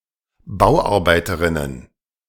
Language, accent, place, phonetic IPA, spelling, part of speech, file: German, Germany, Berlin, [ˈbaʊ̯ʔaʁbaɪ̯təʁɪnən], Bauarbeiterinnen, noun, De-Bauarbeiterinnen.ogg
- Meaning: plural of Bauarbeiterin